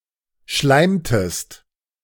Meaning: inflection of schleimen: 1. second-person singular preterite 2. second-person singular subjunctive II
- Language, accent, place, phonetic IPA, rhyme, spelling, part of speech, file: German, Germany, Berlin, [ˈʃlaɪ̯mtəst], -aɪ̯mtəst, schleimtest, verb, De-schleimtest.ogg